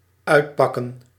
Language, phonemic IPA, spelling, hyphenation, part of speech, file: Dutch, /ˈœy̯tˌpɑ.kə(n)/, uitpakken, uit‧pak‧ken, verb, Nl-uitpakken.ogg
- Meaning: 1. to unpack, to unload things from a package 2. to turn out, to end up 3. to show off, to live lavishly, to party, to spend a lot 4. to express one's emotions